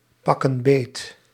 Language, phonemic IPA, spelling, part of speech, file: Dutch, /ˈpɑkə(n) ˈbet/, pakken beet, verb, Nl-pakken beet.ogg
- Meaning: inflection of beetpakken: 1. plural present indicative 2. plural present subjunctive